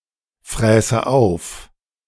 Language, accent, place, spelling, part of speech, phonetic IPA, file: German, Germany, Berlin, fräße auf, verb, [ˌfʁɛːsə ˈaʊ̯f], De-fräße auf.ogg
- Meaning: first/third-person singular subjunctive II of auffressen